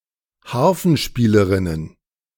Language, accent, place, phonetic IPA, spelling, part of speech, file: German, Germany, Berlin, [ˈhaʁfn̩ˌʃpiːləʁɪnən], Harfenspielerinnen, noun, De-Harfenspielerinnen.ogg
- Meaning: plural of Harfenspielerin